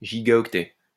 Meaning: gigabyte
- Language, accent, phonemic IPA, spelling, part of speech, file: French, France, /ʒi.ɡa.ɔk.tɛ/, gigaoctet, noun, LL-Q150 (fra)-gigaoctet.wav